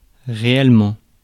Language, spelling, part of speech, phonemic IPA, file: French, réellement, adverb, /ʁe.ɛl.mɑ̃/, Fr-réellement.ogg
- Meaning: really; genuinely; in fact